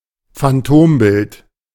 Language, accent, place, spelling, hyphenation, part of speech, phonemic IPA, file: German, Germany, Berlin, Phantombild, Phan‧tom‧bild, noun, /fanˈtoːmˌbɪlt/, De-Phantombild.ogg
- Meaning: identikit